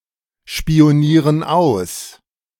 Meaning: inflection of ausspionieren: 1. first/third-person plural present 2. first/third-person plural subjunctive I
- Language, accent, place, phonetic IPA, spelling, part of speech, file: German, Germany, Berlin, [ʃpi̯oˌniːʁən ˈaʊ̯s], spionieren aus, verb, De-spionieren aus.ogg